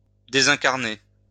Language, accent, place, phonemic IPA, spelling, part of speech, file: French, France, Lyon, /de.zɛ̃.kaʁ.ne/, désincarner, verb, LL-Q150 (fra)-désincarner.wav
- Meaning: to disembody or disincarnate